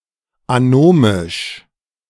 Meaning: anomic (disoriented or alienated)
- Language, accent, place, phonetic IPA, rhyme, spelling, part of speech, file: German, Germany, Berlin, [aˈnoːmɪʃ], -oːmɪʃ, anomisch, adjective, De-anomisch.ogg